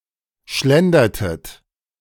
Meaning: inflection of schlendern: 1. second-person plural preterite 2. second-person plural subjunctive II
- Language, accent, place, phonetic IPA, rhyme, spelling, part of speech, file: German, Germany, Berlin, [ˈʃlɛndɐtət], -ɛndɐtət, schlendertet, verb, De-schlendertet.ogg